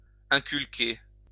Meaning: 1. to inculcate 2. to instill into
- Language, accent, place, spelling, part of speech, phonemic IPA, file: French, France, Lyon, inculquer, verb, /ɛ̃.kyl.ke/, LL-Q150 (fra)-inculquer.wav